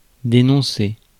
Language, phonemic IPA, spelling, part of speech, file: French, /de.nɔ̃.se/, dénoncer, verb, Fr-dénoncer.ogg
- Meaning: 1. to denounce 2. to announce an end 3. to give oneself up (to surrender) 4. to report someone or something to the authorities; to tell on